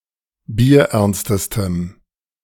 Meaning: strong dative masculine/neuter singular superlative degree of bierernst
- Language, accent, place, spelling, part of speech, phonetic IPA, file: German, Germany, Berlin, bierernstestem, adjective, [biːɐ̯ˈʔɛʁnstəstəm], De-bierernstestem.ogg